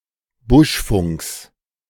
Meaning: genitive of Buschfunk
- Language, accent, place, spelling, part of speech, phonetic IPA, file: German, Germany, Berlin, Buschfunks, noun, [ˈbʊʃˌfʊŋks], De-Buschfunks.ogg